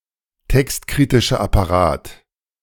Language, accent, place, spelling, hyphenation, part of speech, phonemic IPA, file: German, Germany, Berlin, textkritischer Apparat, text‧kri‧ti‧scher Ap‧pa‧rat, noun, /ˈtɛkstkʁɪtɪʃɐ apaˌʁaːt/, De-textkritischer Apparat.ogg
- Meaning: critical apparatus